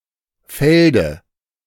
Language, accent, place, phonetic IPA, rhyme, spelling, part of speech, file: German, Germany, Berlin, [ˈfɛldə], -ɛldə, Felde, noun, De-Felde.ogg
- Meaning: dative singular of Feld